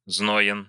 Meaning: short masculine singular of зно́йный (znójnyj)
- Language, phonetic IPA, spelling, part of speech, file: Russian, [ˈzno(j)ɪn], зноен, adjective, Ru-зноен.ogg